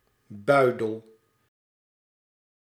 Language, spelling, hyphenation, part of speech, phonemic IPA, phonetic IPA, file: Dutch, buidel, bui‧del, noun, /ˈbœy̯.dəl/, [ˈbœy̯.dəl], Nl-buidel.ogg
- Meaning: 1. a pouch, small closed bag or purse 2. the pouch which a female marsupial carries her young in